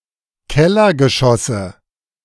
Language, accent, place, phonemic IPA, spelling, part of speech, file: German, Germany, Berlin, /ˈkɛlɐɡəˌʃɔsə/, Kellergeschosse, noun, De-Kellergeschosse.ogg
- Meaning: nominative/accusative/genitive plural of Kellergeschoss